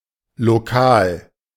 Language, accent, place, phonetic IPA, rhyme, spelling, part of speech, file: German, Germany, Berlin, [loˈkaːl], -aːl, lokal, adjective, De-lokal.ogg
- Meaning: local